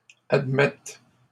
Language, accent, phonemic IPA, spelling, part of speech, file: French, Canada, /ad.mɛt/, admettes, verb, LL-Q150 (fra)-admettes.wav
- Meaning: second-person singular present subjunctive of admettre